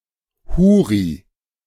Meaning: houri
- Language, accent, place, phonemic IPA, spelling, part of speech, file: German, Germany, Berlin, /ˈhuːʁi/, Huri, noun, De-Huri.ogg